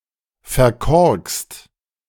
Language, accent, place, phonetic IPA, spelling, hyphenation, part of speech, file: German, Germany, Berlin, [fɛɐ̯ˈkɔʁkst], verkorkst, ver‧korkst, verb, De-verkorkst.ogg
- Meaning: 1. past participle of verkorksen 2. inflection of verkorksen: third-person singular present 3. inflection of verkorksen: second-person plural present 4. inflection of verkorksen: plural imperative